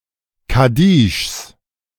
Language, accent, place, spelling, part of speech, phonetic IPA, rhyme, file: German, Germany, Berlin, Kaddischs, noun, [kaˈdiːʃs], -iːʃs, De-Kaddischs.ogg
- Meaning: genitive of Kaddisch